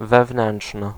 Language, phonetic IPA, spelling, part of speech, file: Polish, [vɛvˈnɛ̃nṭʃnɨ], wewnętrzny, adjective, Pl-wewnętrzny.ogg